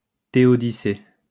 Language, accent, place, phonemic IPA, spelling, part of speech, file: French, France, Lyon, /te.ɔ.di.se/, théodicée, noun, LL-Q150 (fra)-théodicée.wav
- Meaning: theodicy